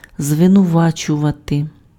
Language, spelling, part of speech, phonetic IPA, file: Ukrainian, звинувачувати, verb, [zʋenʊˈʋat͡ʃʊʋɐte], Uk-звинувачувати.ogg
- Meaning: to accuse